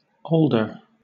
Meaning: Any of several trees or shrubs of the genus Alnus, belonging to the birch family
- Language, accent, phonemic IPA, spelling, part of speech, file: English, Southern England, /ˈɔːldə/, alder, noun, LL-Q1860 (eng)-alder.wav